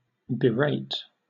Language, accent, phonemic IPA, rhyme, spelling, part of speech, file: English, Southern England, /bɪˈɹeɪt/, -eɪt, berate, verb, LL-Q1860 (eng)-berate.wav
- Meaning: To chide or scold vehemently